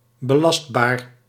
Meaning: taxable, subject to taxation
- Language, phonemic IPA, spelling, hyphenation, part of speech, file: Dutch, /bəˈlɑstˌbaːr/, belastbaar, be‧last‧baar, adjective, Nl-belastbaar.ogg